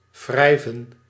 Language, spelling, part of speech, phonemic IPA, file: Dutch, wrijven, verb, /ˈvrɛi̯və(n)/, Nl-wrijven.ogg
- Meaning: to rub